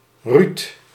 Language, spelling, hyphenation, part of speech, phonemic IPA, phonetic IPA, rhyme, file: Dutch, Ruud, Ruud, proper noun, /ryt/, [ryt], -yt, Nl-Ruud.ogg
- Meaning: a male given name